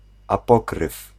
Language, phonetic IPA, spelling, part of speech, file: Polish, [aˈpɔkrɨf], apokryf, noun, Pl-apokryf.ogg